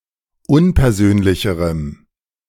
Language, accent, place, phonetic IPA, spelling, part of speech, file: German, Germany, Berlin, [ˈʊnpɛɐ̯ˌzøːnlɪçəʁəm], unpersönlicherem, adjective, De-unpersönlicherem.ogg
- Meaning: strong dative masculine/neuter singular comparative degree of unpersönlich